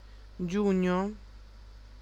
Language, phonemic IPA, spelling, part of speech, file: Italian, /ˈd͡ʒuɲɲo/, giugno, noun, It-giugno.ogg